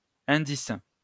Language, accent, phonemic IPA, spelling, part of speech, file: French, France, /ɛ̃.dis/, indice, noun / verb, LL-Q150 (fra)-indice.wav
- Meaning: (noun) 1. clue, hint, indication 2. index; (verb) inflection of indicer: 1. first/third-person singular present indicative/subjunctive 2. second-person singular imperative